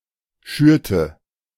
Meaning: inflection of schüren: 1. first/third-person singular preterite 2. first/third-person singular subjunctive II
- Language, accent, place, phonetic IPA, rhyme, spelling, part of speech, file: German, Germany, Berlin, [ˈʃyːɐ̯tə], -yːɐ̯tə, schürte, verb, De-schürte.ogg